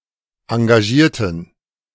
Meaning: inflection of engagieren: 1. first/third-person plural preterite 2. first/third-person plural subjunctive II
- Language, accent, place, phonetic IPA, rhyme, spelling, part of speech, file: German, Germany, Berlin, [ɑ̃ɡaˈʒiːɐ̯tn̩], -iːɐ̯tn̩, engagierten, adjective / verb, De-engagierten.ogg